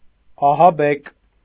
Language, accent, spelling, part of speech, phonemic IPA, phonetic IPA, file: Armenian, Eastern Armenian, ահաբեկ, adjective / adverb, /ɑhɑˈbek/, [ɑhɑbék], Hy-ահաբեկ.ogg
- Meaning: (adjective) scared, frightened, terrified; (adverb) in the manner of being scared, frightened, or terrified